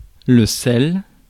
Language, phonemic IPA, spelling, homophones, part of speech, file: French, /sɛl/, sel, celle / celles / selle / sellent / selles / sels, noun, Fr-sel.ogg
- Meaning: 1. table salt, i.e. sodium chloride (NaCl) 2. salt 3. smelling salts 4. spice